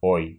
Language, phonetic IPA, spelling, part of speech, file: Russian, [oj], ой, interjection, Ru-ой.ogg
- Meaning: 1. oh! (surprise tinged with fright) 2. oops! 3. ouch!